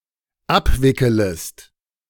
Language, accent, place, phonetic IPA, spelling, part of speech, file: German, Germany, Berlin, [ˈapˌvɪkələst], abwickelest, verb, De-abwickelest.ogg
- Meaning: second-person singular dependent subjunctive I of abwickeln